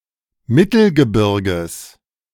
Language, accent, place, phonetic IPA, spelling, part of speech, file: German, Germany, Berlin, [ˈmɪtl̩ɡəˌbɪʁɡəs], Mittelgebirges, noun, De-Mittelgebirges.ogg
- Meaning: genitive singular of Mittelgebirge